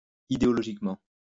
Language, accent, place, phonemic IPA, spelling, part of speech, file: French, France, Lyon, /i.de.ɔ.lɔ.ʒik.mɑ̃/, idéologiquement, adverb, LL-Q150 (fra)-idéologiquement.wav
- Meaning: ideologically